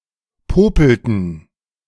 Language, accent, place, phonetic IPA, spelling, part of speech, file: German, Germany, Berlin, [ˈpoːpl̩tn̩], popelten, verb, De-popelten.ogg
- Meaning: inflection of popeln: 1. first/third-person plural preterite 2. first/third-person plural subjunctive II